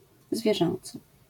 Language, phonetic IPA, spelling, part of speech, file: Polish, [zvʲjɛˈʒɛ̃nt͡sɨ], zwierzęcy, adjective, LL-Q809 (pol)-zwierzęcy.wav